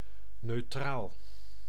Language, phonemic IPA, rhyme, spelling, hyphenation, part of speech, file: Dutch, /nøːˈtraːl/, -aːl, neutraal, neut‧raal, adjective, Nl-neutraal.ogg
- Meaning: 1. neutral, not taking sides in a conflict between opposite parties 2. neutral, neither acid nor alkali 3. having neither of two opposite qualities 4. neuter, neither masculin nor feminine